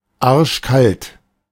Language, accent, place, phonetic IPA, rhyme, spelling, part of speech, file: German, Germany, Berlin, [aʁʃˈkalt], -alt, arschkalt, adjective, De-arschkalt.ogg
- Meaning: brass monkey cold, bitterly cold